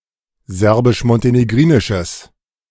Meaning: strong/mixed nominative/accusative neuter singular of serbisch-montenegrinisch
- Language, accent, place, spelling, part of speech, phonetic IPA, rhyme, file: German, Germany, Berlin, serbisch-montenegrinisches, adjective, [ˌzɛʁbɪʃmɔnteneˈɡʁiːnɪʃəs], -iːnɪʃəs, De-serbisch-montenegrinisches.ogg